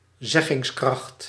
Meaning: expressiveness
- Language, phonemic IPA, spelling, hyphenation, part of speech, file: Dutch, /ˈzɛ.ɣɪŋsˌkrɑxt/, zeggingskracht, zeg‧gings‧kracht, noun, Nl-zeggingskracht.ogg